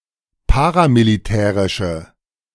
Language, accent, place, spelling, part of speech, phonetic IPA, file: German, Germany, Berlin, paramilitärische, adjective, [ˈpaːʁamiliˌtɛːʁɪʃə], De-paramilitärische.ogg
- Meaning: inflection of paramilitärisch: 1. strong/mixed nominative/accusative feminine singular 2. strong nominative/accusative plural 3. weak nominative all-gender singular